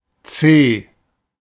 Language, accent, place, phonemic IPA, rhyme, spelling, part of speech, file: German, Germany, Berlin, /tseː/, -eː, Zeh, noun, De-Zeh.ogg
- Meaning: toe